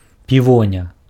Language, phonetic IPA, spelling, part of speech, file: Belarusian, [pʲiˈvonʲa], півоня, noun, Be-півоня.ogg
- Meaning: peony